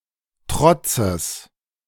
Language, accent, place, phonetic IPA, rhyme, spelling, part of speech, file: German, Germany, Berlin, [ˈtʁɔt͡səs], -ɔt͡səs, Trotzes, noun, De-Trotzes.ogg
- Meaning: genitive singular of Trotz